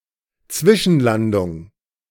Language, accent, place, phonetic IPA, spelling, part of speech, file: German, Germany, Berlin, [ˈt͡svɪʃn̩ˌlandʊŋ], Zwischenlandung, noun, De-Zwischenlandung.ogg
- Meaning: stopover